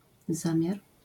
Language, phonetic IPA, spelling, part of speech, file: Polish, [ˈzãmʲjar], zamiar, noun, LL-Q809 (pol)-zamiar.wav